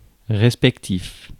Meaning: respective (referencing two or more things as individuals)
- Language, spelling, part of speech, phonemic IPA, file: French, respectif, adjective, /ʁɛs.pɛk.tif/, Fr-respectif.ogg